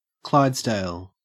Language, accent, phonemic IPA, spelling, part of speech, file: English, Australia, /ˈklaɪdzdeɪl/, Clydesdale, proper noun / noun, En-au-Clydesdale.ogg
- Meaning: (proper noun) The valley of the River Clyde in South Lanarkshire council area, Scotland (OS grid ref NS91)